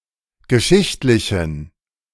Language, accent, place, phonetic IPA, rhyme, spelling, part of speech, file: German, Germany, Berlin, [ɡəˈʃɪçtlɪçn̩], -ɪçtlɪçn̩, geschichtlichen, adjective, De-geschichtlichen.ogg
- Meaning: inflection of geschichtlich: 1. strong genitive masculine/neuter singular 2. weak/mixed genitive/dative all-gender singular 3. strong/weak/mixed accusative masculine singular 4. strong dative plural